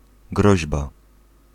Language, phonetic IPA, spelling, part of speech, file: Polish, [ˈɡrɔʑba], groźba, noun, Pl-groźba.ogg